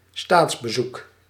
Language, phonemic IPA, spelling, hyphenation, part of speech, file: Dutch, /ˈstaːts.bəˌzuk/, staatsbezoek, staats‧be‧zoek, noun, Nl-staatsbezoek.ogg
- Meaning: a state visit